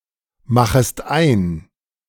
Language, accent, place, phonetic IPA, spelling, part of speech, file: German, Germany, Berlin, [ˌmaxəst ˈaɪ̯n], machest ein, verb, De-machest ein.ogg
- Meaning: second-person singular subjunctive I of einmachen